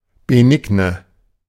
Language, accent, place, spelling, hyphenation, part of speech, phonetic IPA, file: German, Germany, Berlin, benigne, be‧ni‧gne, adjective, [beˈnɪɡnə], De-benigne.ogg
- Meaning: benign